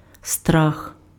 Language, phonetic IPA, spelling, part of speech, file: Ukrainian, [strax], страх, noun / adverb, Uk-страх.ogg
- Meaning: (noun) 1. fear 2. risk, peril 3. monster (fantastic creature of unusual, scary appearance); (adverb) awfully